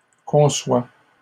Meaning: inflection of concevoir: 1. first/second-person singular present indicative 2. second-person singular imperative
- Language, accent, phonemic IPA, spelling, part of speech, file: French, Canada, /kɔ̃.swa/, conçois, verb, LL-Q150 (fra)-conçois.wav